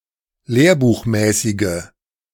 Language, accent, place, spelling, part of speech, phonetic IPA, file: German, Germany, Berlin, lehrbuchmäßige, adjective, [ˈleːɐ̯buːxˌmɛːsɪɡə], De-lehrbuchmäßige.ogg
- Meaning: inflection of lehrbuchmäßig: 1. strong/mixed nominative/accusative feminine singular 2. strong nominative/accusative plural 3. weak nominative all-gender singular